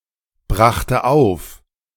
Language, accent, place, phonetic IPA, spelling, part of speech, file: German, Germany, Berlin, [ˌbʁaxtə ˈaʊ̯f], brachte auf, verb, De-brachte auf.ogg
- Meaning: first/third-person singular preterite of aufbringen